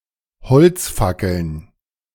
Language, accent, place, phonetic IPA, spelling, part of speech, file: German, Germany, Berlin, [bəˌt͡søːɡəst ˈaɪ̯n], bezögest ein, verb, De-bezögest ein.ogg
- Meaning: second-person singular subjunctive II of einbeziehen